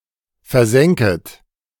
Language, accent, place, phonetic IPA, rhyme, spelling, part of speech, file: German, Germany, Berlin, [fɛɐ̯ˈzɛŋkət], -ɛŋkət, versenket, verb, De-versenket.ogg
- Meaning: second-person plural subjunctive I of versenken